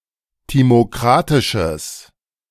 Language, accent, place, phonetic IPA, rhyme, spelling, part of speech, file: German, Germany, Berlin, [ˌtimoˈkʁatɪʃəs], -atɪʃəs, timokratisches, adjective, De-timokratisches.ogg
- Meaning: strong/mixed nominative/accusative neuter singular of timokratisch